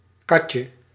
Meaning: 1. diminutive of kat; kitty 2. catkin 3. salary
- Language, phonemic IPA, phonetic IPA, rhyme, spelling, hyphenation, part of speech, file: Dutch, /ˈkɑ.tjə/, [ˈkɑ.t͡ɕə], -ɑtjə, katje, kat‧je, noun, Nl-katje.ogg